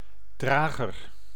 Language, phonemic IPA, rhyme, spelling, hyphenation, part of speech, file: Dutch, /ˈdraː.ɣər/, -aːɣər, drager, dra‧ger, noun, Nl-drager.ogg
- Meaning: 1. a carrier, one who carries or bears something 2. a wearer, one who wears something, like an article of clothing 3. a carrier, one who carries a gene